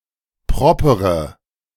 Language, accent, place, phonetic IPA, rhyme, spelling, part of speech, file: German, Germany, Berlin, [ˈpʁɔpəʁə], -ɔpəʁə, propere, adjective, De-propere.ogg
- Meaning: inflection of proper: 1. strong/mixed nominative/accusative feminine singular 2. strong nominative/accusative plural 3. weak nominative all-gender singular 4. weak accusative feminine/neuter singular